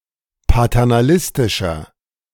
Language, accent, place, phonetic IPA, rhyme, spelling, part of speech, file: German, Germany, Berlin, [patɛʁnaˈlɪstɪʃɐ], -ɪstɪʃɐ, paternalistischer, adjective, De-paternalistischer.ogg
- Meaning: 1. comparative degree of paternalistisch 2. inflection of paternalistisch: strong/mixed nominative masculine singular 3. inflection of paternalistisch: strong genitive/dative feminine singular